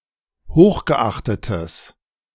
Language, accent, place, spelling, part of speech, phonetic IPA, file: German, Germany, Berlin, hochgeachtetes, adjective, [ˈhoːxɡəˌʔaxtətəs], De-hochgeachtetes.ogg
- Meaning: strong/mixed nominative/accusative neuter singular of hochgeachtet